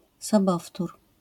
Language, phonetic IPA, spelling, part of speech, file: Polish, [sɔˈbɔftur], sobowtór, noun, LL-Q809 (pol)-sobowtór.wav